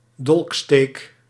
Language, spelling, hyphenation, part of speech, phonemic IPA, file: Dutch, dolksteek, dolk‧steek, noun, /ˈdɔlk.steːk/, Nl-dolksteek.ogg
- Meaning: 1. stab with a dagger 2. stab in the back